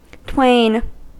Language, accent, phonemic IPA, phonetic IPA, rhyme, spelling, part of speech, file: English, US, /tweɪn/, [tʰw̥eɪn], -eɪn, twain, numeral / adjective / noun / verb, En-us-twain.ogg
- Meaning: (numeral) two; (adjective) twofold; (noun) Pair, couple; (verb) To part in twain; divide; sunder